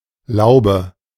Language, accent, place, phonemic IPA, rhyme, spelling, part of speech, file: German, Germany, Berlin, /ˈlaʊ̯bə/, -aʊ̯bə, Laube, noun, De-Laube.ogg
- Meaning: 1. garden house 2. bower, arbor (shady, leafy shelter in a garden or woods) 3. arcade (covered passage, usually with shops) 4. bleak (kind of fish)